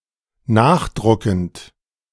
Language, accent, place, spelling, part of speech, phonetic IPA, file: German, Germany, Berlin, nachdruckend, verb, [ˈnaːxˌdʁʊkn̩t], De-nachdruckend.ogg
- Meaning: present participle of nachdrucken